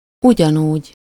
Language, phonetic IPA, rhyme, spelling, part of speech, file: Hungarian, [ˈuɟɒnuːɟ], -uːɟ, ugyanúgy, adverb, Hu-ugyanúgy.ogg
- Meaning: similarly, likewise, in the same way (as that one), just the same (way)